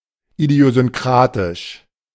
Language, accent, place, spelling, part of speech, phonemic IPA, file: German, Germany, Berlin, idiosynkratisch, adjective, /idi̯ozʏnˈkʁaːtɪʃ/, De-idiosynkratisch.ogg
- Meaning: idiosyncratic